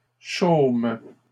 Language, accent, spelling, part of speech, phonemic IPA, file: French, Canada, chôment, verb, /ʃom/, LL-Q150 (fra)-chôment.wav
- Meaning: third-person plural present indicative/subjunctive of chômer